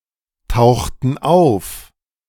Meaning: inflection of auftauchen: 1. first/third-person plural preterite 2. first/third-person plural subjunctive II
- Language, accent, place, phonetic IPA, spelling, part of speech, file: German, Germany, Berlin, [ˌtaʊ̯xtn̩ ˈaʊ̯f], tauchten auf, verb, De-tauchten auf.ogg